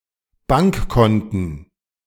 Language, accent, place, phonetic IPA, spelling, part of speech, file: German, Germany, Berlin, [ˈbaŋkˌkɔntn̩], Bankkonten, noun, De-Bankkonten.ogg
- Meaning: plural of Bankkonto